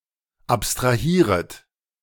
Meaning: second-person plural subjunctive I of abstrahieren
- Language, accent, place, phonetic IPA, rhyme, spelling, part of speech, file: German, Germany, Berlin, [ˌapstʁaˈhiːʁət], -iːʁət, abstrahieret, verb, De-abstrahieret.ogg